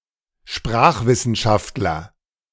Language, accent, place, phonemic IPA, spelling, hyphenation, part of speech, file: German, Germany, Berlin, /ˈʃpʁaːχˌvɪsənʃaftlɐ/, Sprachwissenschaftler, Sprach‧wis‧sen‧schaft‧ler, noun, De-Sprachwissenschaftler.ogg
- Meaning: linguist